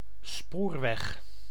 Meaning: railway
- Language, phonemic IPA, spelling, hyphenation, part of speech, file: Dutch, /ˈspoːr.ʋɛx/, spoorweg, spoor‧weg, noun, Nl-spoorweg.ogg